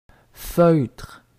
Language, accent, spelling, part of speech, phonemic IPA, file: French, Quebec, feutre, noun, /føtʁ/, Qc-feutre.ogg
- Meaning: 1. material made of matted fibres; felt 2. felt hat; trilby (UK), fedora (US) 3. felt-tip (pen) 4. a couching fabric 5. saddle padding for the comfort of horse and rider